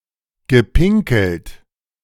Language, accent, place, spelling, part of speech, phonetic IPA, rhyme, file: German, Germany, Berlin, gepinkelt, verb, [ɡəˈpɪŋkl̩t], -ɪŋkl̩t, De-gepinkelt.ogg
- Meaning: past participle of pinkeln